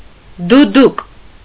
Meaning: duduk
- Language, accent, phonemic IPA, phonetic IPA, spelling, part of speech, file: Armenian, Eastern Armenian, /duˈduk/, [dudúk], դուդուկ, noun, Hy-դուդուկ.ogg